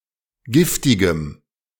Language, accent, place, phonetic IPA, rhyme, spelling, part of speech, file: German, Germany, Berlin, [ˈɡɪftɪɡəm], -ɪftɪɡəm, giftigem, adjective, De-giftigem.ogg
- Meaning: strong dative masculine/neuter singular of giftig